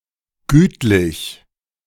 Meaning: amicable
- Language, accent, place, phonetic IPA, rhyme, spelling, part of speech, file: German, Germany, Berlin, [ˈɡyːtlɪç], -yːtlɪç, gütlich, adjective / adverb, De-gütlich.ogg